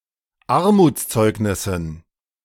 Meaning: dative plural of Armutszeugnis
- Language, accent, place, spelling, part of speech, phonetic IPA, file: German, Germany, Berlin, Armutszeugnissen, noun, [ˈaʁmuːt͡sˌt͡sɔɪ̯knɪsn̩], De-Armutszeugnissen.ogg